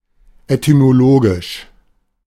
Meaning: etymological
- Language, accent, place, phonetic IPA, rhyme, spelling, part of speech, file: German, Germany, Berlin, [etymoˈloːɡɪʃ], -oːɡɪʃ, etymologisch, adjective, De-etymologisch.ogg